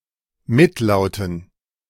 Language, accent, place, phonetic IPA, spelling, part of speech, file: German, Germany, Berlin, [ˈmɪtˌlaʊ̯tn̩], Mitlauten, noun, De-Mitlauten.ogg
- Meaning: dative plural of Mitlaut